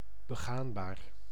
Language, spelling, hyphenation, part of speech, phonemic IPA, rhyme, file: Dutch, begaanbaar, be‧gaan‧baar, adjective, /bəˈɣaːnˌbaːr/, -aːnbaːr, Nl-begaanbaar.ogg
- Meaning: negotiable, traversable